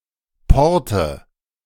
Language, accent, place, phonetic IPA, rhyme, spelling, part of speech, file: German, Germany, Berlin, [ˈpɔʁtə], -ɔʁtə, Porte, noun, De-Porte.ogg
- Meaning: nominative/accusative/genitive plural of Port (“harbor”)